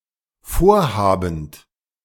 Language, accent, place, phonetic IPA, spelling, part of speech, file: German, Germany, Berlin, [ˈfoːɐ̯ˌhaːbn̩t], vorhabend, verb, De-vorhabend.ogg
- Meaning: present participle of vorhaben